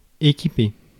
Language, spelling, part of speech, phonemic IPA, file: French, équiper, verb, /e.ki.pe/, Fr-équiper.ogg
- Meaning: 1. to supply 2. to equip